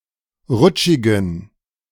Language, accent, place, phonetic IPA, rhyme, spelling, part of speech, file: German, Germany, Berlin, [ˈʁʊt͡ʃɪɡn̩], -ʊt͡ʃɪɡn̩, rutschigen, adjective, De-rutschigen.ogg
- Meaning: inflection of rutschig: 1. strong genitive masculine/neuter singular 2. weak/mixed genitive/dative all-gender singular 3. strong/weak/mixed accusative masculine singular 4. strong dative plural